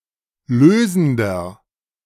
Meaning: inflection of lösend: 1. strong/mixed nominative masculine singular 2. strong genitive/dative feminine singular 3. strong genitive plural
- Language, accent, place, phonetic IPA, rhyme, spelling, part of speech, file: German, Germany, Berlin, [ˈløːzn̩dɐ], -øːzn̩dɐ, lösender, adjective, De-lösender.ogg